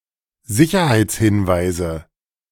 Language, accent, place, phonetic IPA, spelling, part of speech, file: German, Germany, Berlin, [ˈzɪçɐhaɪ̯t͡sˌhɪnvaɪ̯zə], Sicherheitshinweise, noun, De-Sicherheitshinweise.ogg
- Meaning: nominative/accusative/genitive plural of Sicherheitshinweis